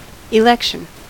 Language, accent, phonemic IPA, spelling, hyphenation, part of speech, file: English, US, /ɪˈlɛkʃ(ə)n/, election, elec‧tion, noun, En-us-election.ogg
- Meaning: 1. A process of choosing a leader, members of parliament, councillors, or other representatives by popular vote 2. The choice of a leader or representative by popular vote